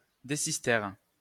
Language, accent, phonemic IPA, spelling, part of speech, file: French, France, /de.sis.tɛʁ/, décistère, noun, LL-Q150 (fra)-décistère.wav
- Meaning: decistere